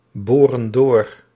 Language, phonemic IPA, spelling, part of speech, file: Dutch, /ˈborə(n) ˈdor/, boren door, verb, Nl-boren door.ogg
- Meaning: inflection of doorboren: 1. plural present indicative 2. plural present subjunctive